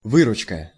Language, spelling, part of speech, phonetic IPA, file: Russian, выручка, noun, [ˈvɨrʊt͡ɕkə], Ru-выручка.ogg
- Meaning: 1. gain; proceeds, receipts, takings; earnings 2. rescue, assistance, aid, relief, help